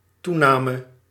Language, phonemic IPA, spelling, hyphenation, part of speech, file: Dutch, /ˈtu.naː.mə/, toename, toe‧na‧me, noun / verb, Nl-toename.ogg
- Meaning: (noun) increase; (verb) singular dependent-clause past subjunctive of toenemen